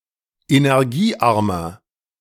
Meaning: inflection of energiearm: 1. strong/mixed nominative masculine singular 2. strong genitive/dative feminine singular 3. strong genitive plural
- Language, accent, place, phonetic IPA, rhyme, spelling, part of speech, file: German, Germany, Berlin, [enɛʁˈɡiːˌʔaʁmɐ], -iːʔaʁmɐ, energiearmer, adjective, De-energiearmer.ogg